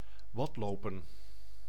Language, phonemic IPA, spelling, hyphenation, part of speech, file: Dutch, /ˈʋɑtˌloː.pə(n)/, wadlopen, wad‧lo‧pen, verb, Nl-wadlopen.ogg
- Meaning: to walk or wade across mudflats at low tide as a recreational activity